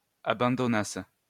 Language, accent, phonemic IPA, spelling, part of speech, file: French, France, /a.bɑ̃.dɔ.nas/, abandonnassent, verb, LL-Q150 (fra)-abandonnassent.wav
- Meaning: third-person plural imperfect subjunctive of abandonner